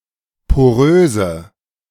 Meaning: inflection of porös: 1. strong/mixed nominative/accusative feminine singular 2. strong nominative/accusative plural 3. weak nominative all-gender singular 4. weak accusative feminine/neuter singular
- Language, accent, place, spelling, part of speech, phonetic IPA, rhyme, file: German, Germany, Berlin, poröse, adjective, [poˈʁøːzə], -øːzə, De-poröse.ogg